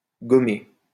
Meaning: 1. to gum 2. to erase, rub out
- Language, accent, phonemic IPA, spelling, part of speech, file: French, France, /ɡɔ.me/, gommer, verb, LL-Q150 (fra)-gommer.wav